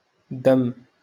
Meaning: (noun) blood; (verb) to slander, to backbite
- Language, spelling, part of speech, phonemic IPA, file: Moroccan Arabic, دم, noun / verb, /damm/, LL-Q56426 (ary)-دم.wav